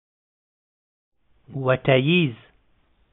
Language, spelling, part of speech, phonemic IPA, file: Pashto, وټه ييز, adjective, /wəˈʈa jiz/, Ps-وټه ييز.oga
- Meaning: economic